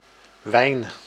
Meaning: wine (an alcoholic beverage produced by a certain fermentation procedure; unless otherwise specified or indicated by context, made from grapes)
- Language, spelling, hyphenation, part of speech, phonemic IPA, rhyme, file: Dutch, wijn, wijn, noun, /ʋɛi̯n/, -ɛi̯n, Nl-wijn.ogg